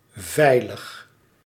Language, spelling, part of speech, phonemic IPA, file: Dutch, veilig, adjective, /ˈvɛiləx/, Nl-veilig.ogg
- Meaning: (adjective) safe; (adverb) safely